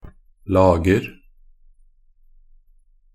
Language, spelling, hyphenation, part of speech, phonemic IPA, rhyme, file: Norwegian Bokmål, lager, lag‧er, noun, /lɑːɡər/, -ər, Nb-lager.ogg
- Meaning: indefinite plural of lag